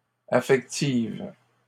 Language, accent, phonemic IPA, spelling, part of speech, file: French, Canada, /a.fɛk.tiv/, affectives, adjective, LL-Q150 (fra)-affectives.wav
- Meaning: feminine plural of affectif